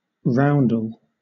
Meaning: 1. Anything having a round form; a round figure; a circle 2. A roundelay or rondelay
- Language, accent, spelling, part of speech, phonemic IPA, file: English, Southern England, roundel, noun, /ˈɹaʊn.dəl/, LL-Q1860 (eng)-roundel.wav